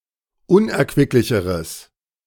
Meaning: strong/mixed nominative/accusative neuter singular comparative degree of unerquicklich
- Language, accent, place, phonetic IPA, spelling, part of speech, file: German, Germany, Berlin, [ˈʊnʔɛɐ̯kvɪklɪçəʁəs], unerquicklicheres, adjective, De-unerquicklicheres.ogg